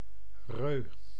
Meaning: male dog or other canine
- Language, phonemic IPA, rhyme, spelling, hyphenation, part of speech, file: Dutch, /røː/, -øː, reu, reu, noun, Nl-reu.ogg